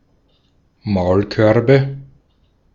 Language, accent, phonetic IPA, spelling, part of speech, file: German, Austria, [ˈmaʊ̯lˌkœʁbə], Maulkörbe, noun, De-at-Maulkörbe.ogg
- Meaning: nominative/accusative/genitive plural of Maulkorb